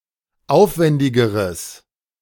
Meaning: strong/mixed nominative/accusative neuter singular comparative degree of aufwändig
- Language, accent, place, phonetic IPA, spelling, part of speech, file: German, Germany, Berlin, [ˈaʊ̯fˌvɛndɪɡəʁəs], aufwändigeres, adjective, De-aufwändigeres.ogg